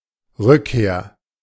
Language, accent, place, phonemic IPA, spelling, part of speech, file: German, Germany, Berlin, /ˈrʏkkeːɐ̯/, Rückkehr, noun, De-Rückkehr.ogg
- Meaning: return